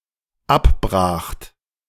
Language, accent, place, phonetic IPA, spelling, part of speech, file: German, Germany, Berlin, [ˈapˌbʁaːxt], abbracht, verb, De-abbracht.ogg
- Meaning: second-person plural dependent preterite of abbrechen